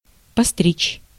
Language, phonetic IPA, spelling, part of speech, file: Russian, [pɐˈstrʲit͡ɕ], постричь, verb, Ru-постричь.ogg
- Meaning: 1. to trim, to clip, to crop (usually of hair) 2. to tonsure